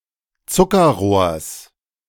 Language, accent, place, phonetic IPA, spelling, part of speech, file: German, Germany, Berlin, [ˈt͡sʊkɐˌʁoːɐ̯s], Zuckerrohrs, noun, De-Zuckerrohrs.ogg
- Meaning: genitive singular of Zuckerrohr